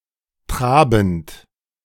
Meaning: present participle of traben
- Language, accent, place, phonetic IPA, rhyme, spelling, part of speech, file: German, Germany, Berlin, [ˈtʁaːbn̩t], -aːbn̩t, trabend, verb, De-trabend.ogg